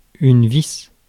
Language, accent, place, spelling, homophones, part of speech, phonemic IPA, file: French, France, Paris, vis, vice / vices / visse / vissent / visses, noun, /vis/, Fr-vis.ogg
- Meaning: screw (metal fastener)